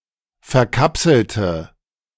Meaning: inflection of verkapseln: 1. first/third-person singular preterite 2. first/third-person singular subjunctive II
- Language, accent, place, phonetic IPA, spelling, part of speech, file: German, Germany, Berlin, [fɛɐ̯ˈkapsl̩tə], verkapselte, adjective / verb, De-verkapselte.ogg